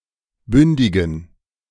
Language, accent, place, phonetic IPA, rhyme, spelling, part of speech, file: German, Germany, Berlin, [ˈbʏndɪɡn̩], -ʏndɪɡn̩, bündigen, adjective, De-bündigen.ogg
- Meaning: inflection of bündig: 1. strong genitive masculine/neuter singular 2. weak/mixed genitive/dative all-gender singular 3. strong/weak/mixed accusative masculine singular 4. strong dative plural